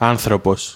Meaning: 1. a human; person; the species man 2. a human; person; the species man: people
- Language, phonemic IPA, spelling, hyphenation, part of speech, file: Greek, /ˈan.θɾo.pos/, άνθρωπος, άν‧θρω‧πος, noun, El-άνθρωπος.ogg